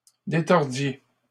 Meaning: inflection of détordre: 1. second-person plural imperfect indicative 2. second-person plural present subjunctive
- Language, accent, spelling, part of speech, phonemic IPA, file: French, Canada, détordiez, verb, /de.tɔʁ.dje/, LL-Q150 (fra)-détordiez.wav